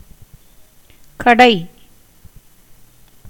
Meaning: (noun) shop, store, stall, bazaar, market; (verb) 1. to churn (with a churner) 2. to drill 3. to turn in a lathe; to form, as moulds on a wheel; give form by chiselling
- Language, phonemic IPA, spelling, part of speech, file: Tamil, /kɐɖɐɪ̯/, கடை, noun / verb / adjective, Ta-கடை.ogg